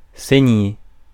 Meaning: 1. to bleed, to be bleeding 2. to bleed, to drain blood from 3. to knife to death
- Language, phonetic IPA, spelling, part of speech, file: French, [sæ̃je], saigner, verb, Fr-saigner.ogg